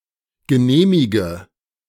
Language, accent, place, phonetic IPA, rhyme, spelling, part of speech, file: German, Germany, Berlin, [ɡəˈneːmɪɡə], -eːmɪɡə, genehmige, verb, De-genehmige.ogg
- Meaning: inflection of genehmigen: 1. first-person singular present 2. singular imperative 3. first/third-person singular subjunctive I